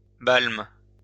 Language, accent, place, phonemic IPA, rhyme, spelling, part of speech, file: French, France, Lyon, /balm/, -alm, balme, noun, LL-Q150 (fra)-balme.wav
- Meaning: cavern or rock shelter